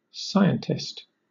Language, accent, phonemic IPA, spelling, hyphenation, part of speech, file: English, Southern England, /ˈsaɪəntɪst/, scientist, sci‧ent‧ist, noun, LL-Q1860 (eng)-scientist.wav